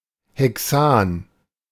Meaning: hexane
- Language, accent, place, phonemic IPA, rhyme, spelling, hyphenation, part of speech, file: German, Germany, Berlin, /ˌhɛˈksaːn/, -aːn, Hexan, He‧xan, noun, De-Hexan.ogg